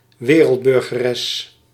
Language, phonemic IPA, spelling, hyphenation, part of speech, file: Dutch, /ˈʋeː.rəlt.bʏr.ɣəˌrɛs/, wereldburgeres, we‧reld‧bur‧ge‧res, noun, Nl-wereldburgeres.ogg
- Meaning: female cosmopolite, female citizen of the world, female cosmopolitan